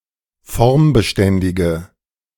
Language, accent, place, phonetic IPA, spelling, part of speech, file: German, Germany, Berlin, [ˈfɔʁmbəˌʃtɛndɪɡə], formbeständige, adjective, De-formbeständige.ogg
- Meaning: inflection of formbeständig: 1. strong/mixed nominative/accusative feminine singular 2. strong nominative/accusative plural 3. weak nominative all-gender singular